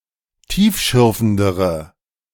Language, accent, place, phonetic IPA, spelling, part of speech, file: German, Germany, Berlin, [ˈtiːfˌʃʏʁfn̩dəʁə], tiefschürfendere, adjective, De-tiefschürfendere.ogg
- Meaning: inflection of tiefschürfend: 1. strong/mixed nominative/accusative feminine singular comparative degree 2. strong nominative/accusative plural comparative degree